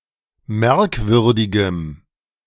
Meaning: strong dative masculine/neuter singular of merkwürdig
- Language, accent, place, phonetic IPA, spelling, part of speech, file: German, Germany, Berlin, [ˈmɛʁkˌvʏʁdɪɡəm], merkwürdigem, adjective, De-merkwürdigem.ogg